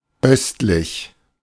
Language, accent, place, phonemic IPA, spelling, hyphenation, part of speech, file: German, Germany, Berlin, /ˈœstlɪç/, östlich, öst‧lich, adjective, De-östlich.ogg
- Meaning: east, eastern